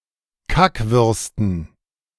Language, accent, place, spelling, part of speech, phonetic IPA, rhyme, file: German, Germany, Berlin, Kackwürsten, noun, [ˈkakvʏʁstn̩], -akvʏʁstn̩, De-Kackwürsten.ogg
- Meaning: dative plural of Kackwurst